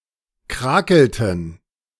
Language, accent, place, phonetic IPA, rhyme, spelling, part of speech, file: German, Germany, Berlin, [ˈkʁaːkl̩tn̩], -aːkl̩tn̩, krakelten, verb, De-krakelten.ogg
- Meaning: inflection of krakeln: 1. first/third-person plural preterite 2. first/third-person plural subjunctive II